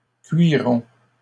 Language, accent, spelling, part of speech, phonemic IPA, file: French, Canada, cuirons, verb, /kɥi.ʁɔ̃/, LL-Q150 (fra)-cuirons.wav
- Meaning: 1. inflection of cuirer: first-person plural present indicative 2. inflection of cuirer: first-person plural imperative 3. first-person plural future of cuire